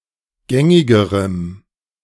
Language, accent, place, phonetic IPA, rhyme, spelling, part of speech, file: German, Germany, Berlin, [ˈɡɛŋɪɡəʁəm], -ɛŋɪɡəʁəm, gängigerem, adjective, De-gängigerem.ogg
- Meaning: strong dative masculine/neuter singular comparative degree of gängig